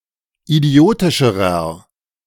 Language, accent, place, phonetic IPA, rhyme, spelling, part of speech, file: German, Germany, Berlin, [iˈdi̯oːtɪʃəʁɐ], -oːtɪʃəʁɐ, idiotischerer, adjective, De-idiotischerer.ogg
- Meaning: inflection of idiotisch: 1. strong/mixed nominative masculine singular comparative degree 2. strong genitive/dative feminine singular comparative degree 3. strong genitive plural comparative degree